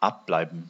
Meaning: to be located (in an unknown place)
- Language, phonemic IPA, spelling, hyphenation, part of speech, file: German, /ˈapˌblaɪ̯bn̩/, abbleiben, ab‧blei‧ben, verb, De-abbleiben.ogg